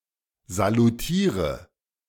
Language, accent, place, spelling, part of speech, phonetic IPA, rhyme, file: German, Germany, Berlin, salutiere, verb, [zaluˈtiːʁə], -iːʁə, De-salutiere.ogg
- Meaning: inflection of salutieren: 1. first-person singular present 2. first/third-person singular subjunctive I 3. singular imperative